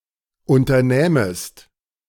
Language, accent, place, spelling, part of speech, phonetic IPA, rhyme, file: German, Germany, Berlin, unternähmest, verb, [ˌʔʊntɐˈnɛːməst], -ɛːməst, De-unternähmest.ogg
- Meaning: second-person singular subjunctive II of unternehmen